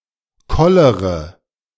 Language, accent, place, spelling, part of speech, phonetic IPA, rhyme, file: German, Germany, Berlin, kollere, verb, [ˈkɔləʁə], -ɔləʁə, De-kollere.ogg
- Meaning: inflection of kollern: 1. first-person singular present 2. first-person plural subjunctive I 3. third-person singular subjunctive I 4. singular imperative